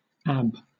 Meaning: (noun) 1. Clipping of abdominal muscle . 2. An abscess caused by injecting an illegal drug, usually heroin; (verb) 1. To abseil 2. Abbreviation of abort; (noun) Abbreviation of abortion
- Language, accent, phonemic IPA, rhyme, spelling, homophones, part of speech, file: English, Southern England, /æb/, -æb, ab, abb / Ab, noun / verb / preposition / adverb, LL-Q1860 (eng)-ab.wav